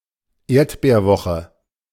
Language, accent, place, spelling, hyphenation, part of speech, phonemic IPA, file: German, Germany, Berlin, Erdbeerwoche, Erd‧beer‧wo‧che, noun, /ˈeːɐ̯tbeːɐ̯ˌvɔxə/, De-Erdbeerwoche.ogg
- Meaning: menstrual period; shark week